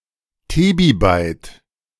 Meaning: tebibyte (2⁴⁰ bytes)
- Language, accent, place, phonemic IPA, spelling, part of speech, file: German, Germany, Berlin, /ˈteːbiˌbaɪ̯t/, Tebibyte, noun, De-Tebibyte.ogg